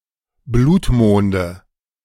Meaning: nominative/accusative/genitive plural of Blutmond
- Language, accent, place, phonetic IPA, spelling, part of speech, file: German, Germany, Berlin, [ˈbluːtˌmoːndə], Blutmonde, noun, De-Blutmonde.ogg